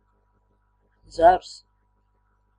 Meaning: branch, twig, spray (part of a plant that grows from the stem or trunk and usually connects it with the leaves; this part together with its leaves and flowers)
- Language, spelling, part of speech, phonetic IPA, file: Latvian, zars, noun, [zāɾs], Lv-zars.ogg